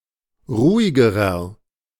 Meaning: inflection of ruhig: 1. strong/mixed nominative masculine singular comparative degree 2. strong genitive/dative feminine singular comparative degree 3. strong genitive plural comparative degree
- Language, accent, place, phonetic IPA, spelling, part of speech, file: German, Germany, Berlin, [ˈʁuːɪɡəʁɐ], ruhigerer, adjective, De-ruhigerer.ogg